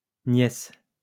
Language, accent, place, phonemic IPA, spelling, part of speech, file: French, France, Lyon, /njɛs/, nièces, noun, LL-Q150 (fra)-nièces.wav
- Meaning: plural of nièce